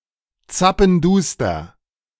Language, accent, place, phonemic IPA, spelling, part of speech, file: German, Germany, Berlin, /ˌtsapənˈduːstɐ/, zappenduster, adjective, De-zappenduster.ogg
- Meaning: completely dark, pitch-black (night)